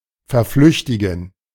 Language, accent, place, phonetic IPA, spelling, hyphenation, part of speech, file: German, Germany, Berlin, [fɛɐ̯ˈflʏçtɪɡn̩], verflüchtigen, ver‧flüch‧ti‧gen, verb, De-verflüchtigen.ogg
- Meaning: 1. to evaporate 2. to volatilize